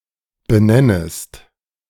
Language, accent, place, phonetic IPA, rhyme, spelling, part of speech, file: German, Germany, Berlin, [bəˈnɛnəst], -ɛnəst, benennest, verb, De-benennest.ogg
- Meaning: second-person singular subjunctive I of benennen